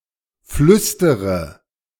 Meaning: inflection of flüstern: 1. first-person singular present 2. first/third-person singular subjunctive I 3. singular imperative
- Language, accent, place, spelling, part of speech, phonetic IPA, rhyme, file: German, Germany, Berlin, flüstere, verb, [ˈflʏstəʁə], -ʏstəʁə, De-flüstere.ogg